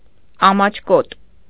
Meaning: shy
- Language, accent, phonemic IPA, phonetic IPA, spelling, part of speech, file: Armenian, Eastern Armenian, /ɑmɑt͡ʃʰˈkot/, [ɑmɑt͡ʃʰkót], ամաչկոտ, adjective, Hy-ամաչկոտ.ogg